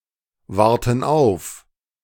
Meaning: inflection of aufwarten: 1. first/third-person plural present 2. first/third-person plural subjunctive I
- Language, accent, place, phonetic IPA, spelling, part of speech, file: German, Germany, Berlin, [ˌvaʁtn̩ ˈaʊ̯f], warten auf, verb, De-warten auf.ogg